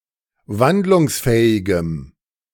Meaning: strong dative masculine/neuter singular of wandlungsfähig
- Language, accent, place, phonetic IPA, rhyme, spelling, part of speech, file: German, Germany, Berlin, [ˈvandlʊŋsˌfɛːɪɡəm], -andlʊŋsfɛːɪɡəm, wandlungsfähigem, adjective, De-wandlungsfähigem.ogg